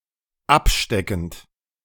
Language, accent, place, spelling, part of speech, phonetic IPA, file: German, Germany, Berlin, absteckend, verb, [ˈapˌʃtɛkn̩t], De-absteckend.ogg
- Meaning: present participle of abstecken